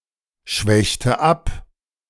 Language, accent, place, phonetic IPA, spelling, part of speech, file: German, Germany, Berlin, [ˌʃvɛçtə ˈap], schwächte ab, verb, De-schwächte ab.ogg
- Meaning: inflection of abschwächen: 1. first/third-person singular preterite 2. first/third-person singular subjunctive II